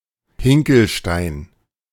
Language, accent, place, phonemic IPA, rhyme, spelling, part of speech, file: German, Germany, Berlin, /ˈhɪŋkəlˌʃtaɪ̯n/, -aɪ̯n, Hinkelstein, noun, De-Hinkelstein.ogg
- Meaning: menhir